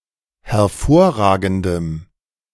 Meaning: strong dative masculine/neuter singular of hervorragend
- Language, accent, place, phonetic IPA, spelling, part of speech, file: German, Germany, Berlin, [hɛɐ̯ˈfoːɐ̯ˌʁaːɡn̩dəm], hervorragendem, adjective, De-hervorragendem.ogg